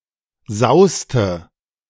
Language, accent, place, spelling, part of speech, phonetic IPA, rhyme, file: German, Germany, Berlin, sauste, verb, [ˈzaʊ̯stə], -aʊ̯stə, De-sauste.ogg
- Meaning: inflection of sausen: 1. first/third-person singular preterite 2. first/third-person singular subjunctive II